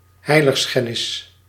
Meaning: sacrilege, desecration
- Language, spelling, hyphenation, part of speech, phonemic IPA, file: Dutch, heiligschennis, hei‧lig‧schen‧nis, noun, /ˈɦɛi̯.ləxˌsxɛ.nɪs/, Nl-heiligschennis.ogg